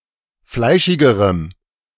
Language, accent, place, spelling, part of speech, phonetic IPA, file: German, Germany, Berlin, fleischigerem, adjective, [ˈflaɪ̯ʃɪɡəʁəm], De-fleischigerem.ogg
- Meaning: strong dative masculine/neuter singular comparative degree of fleischig